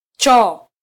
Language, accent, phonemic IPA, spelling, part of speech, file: Swahili, Kenya, /ˈtʃɔː/, choo, noun, Sw-ke-choo.flac
- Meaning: 1. toilet, water closet, latrine 2. excrement 3. earthworm